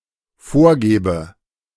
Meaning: inflection of vorgeben: 1. first-person singular dependent present 2. first/third-person singular dependent subjunctive I
- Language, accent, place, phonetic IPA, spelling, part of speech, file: German, Germany, Berlin, [ˈfoːɐ̯ˌɡeːbə], vorgebe, verb, De-vorgebe.ogg